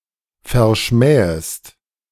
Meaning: second-person singular subjunctive I of verschmähen
- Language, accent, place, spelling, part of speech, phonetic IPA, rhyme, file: German, Germany, Berlin, verschmähest, verb, [fɛɐ̯ˈʃmɛːəst], -ɛːəst, De-verschmähest.ogg